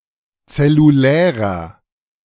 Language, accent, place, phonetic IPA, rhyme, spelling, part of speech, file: German, Germany, Berlin, [t͡sɛluˈlɛːʁɐ], -ɛːʁɐ, zellulärer, adjective, De-zellulärer.ogg
- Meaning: inflection of zellulär: 1. strong/mixed nominative masculine singular 2. strong genitive/dative feminine singular 3. strong genitive plural